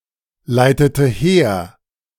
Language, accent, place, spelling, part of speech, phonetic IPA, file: German, Germany, Berlin, leitete her, verb, [ˌlaɪ̯tətə ˈheːɐ̯], De-leitete her.ogg
- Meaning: inflection of herleiten: 1. first/third-person singular preterite 2. first/third-person singular subjunctive II